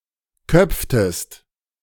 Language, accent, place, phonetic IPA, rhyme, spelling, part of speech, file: German, Germany, Berlin, [ˈkœp͡ftəst], -œp͡ftəst, köpftest, verb, De-köpftest.ogg
- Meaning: inflection of köpfen: 1. second-person singular preterite 2. second-person singular subjunctive II